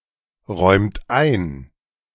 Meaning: inflection of einräumen: 1. second-person plural present 2. third-person singular present 3. plural imperative
- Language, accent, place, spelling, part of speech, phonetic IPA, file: German, Germany, Berlin, räumt ein, verb, [ˌʁɔɪ̯mt ˈaɪ̯n], De-räumt ein.ogg